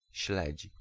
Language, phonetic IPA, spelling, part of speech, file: Polish, [ɕlɛt͡ɕ], śledź, noun / verb, Pl-śledź.ogg